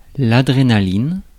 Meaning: adrenaline (epinephrine, the hormone and neurotransmitter)
- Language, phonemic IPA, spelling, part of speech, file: French, /a.dʁe.na.lin/, adrénaline, noun, Fr-adrénaline.ogg